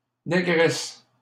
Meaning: 1. female equivalent of nègre: negress 2. Black woman 3. girlfriend (of any race) 4. honey, baby (term for one's girlfriend or wife)
- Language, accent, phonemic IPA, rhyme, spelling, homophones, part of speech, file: French, Canada, /ne.ɡʁɛs/, -ɛs, négresse, négresses, noun, LL-Q150 (fra)-négresse.wav